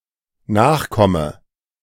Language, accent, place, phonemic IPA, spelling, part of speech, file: German, Germany, Berlin, /ˈnaːχˌkɔmə/, Nachkomme, noun, De-Nachkomme.ogg
- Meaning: offspring, descendant, scion (male or of unspecified gender)